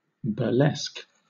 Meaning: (adjective) Parodical; parodic; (noun) A derisive art form that mocks by imitation; a parody
- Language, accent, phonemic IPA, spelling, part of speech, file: English, Southern England, /bə(ɹ)ˈlɛsk/, burlesque, adjective / noun / verb, LL-Q1860 (eng)-burlesque.wav